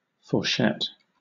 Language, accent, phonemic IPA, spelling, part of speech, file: English, Southern England, /fɔːˈʃɛt/, fourchette, noun, LL-Q1860 (eng)-fourchette.wav
- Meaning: A fork-shaped structure, specifically the fold of skin where the labia minora meet above the perineum (the frenulum labiorum pudendi)